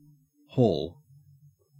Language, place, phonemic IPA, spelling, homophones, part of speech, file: English, Queensland, /hoːl/, haul, hall, verb / noun, En-au-haul.ogg
- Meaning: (verb) 1. To transport by drawing or pulling, as with horses or oxen, or a motor vehicle 2. To draw or pull something heavy